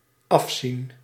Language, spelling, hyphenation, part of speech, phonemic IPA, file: Dutch, afzien, af‧zien, verb, /ˈɑfsin/, Nl-afzien.ogg
- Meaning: 1. to give up, to relinquish 2. to suffer, to endure something to the end despite a lack of enthusiasm 3. to cheat, to crib